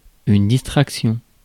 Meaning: 1. distraction 2. entertainment
- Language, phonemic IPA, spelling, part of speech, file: French, /dis.tʁak.sjɔ̃/, distraction, noun, Fr-distraction.ogg